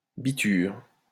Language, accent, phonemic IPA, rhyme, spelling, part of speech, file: French, France, /bi.tyʁ/, -yʁ, biture, noun, LL-Q150 (fra)-biture.wav
- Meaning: a state of drunkenness, drinking spree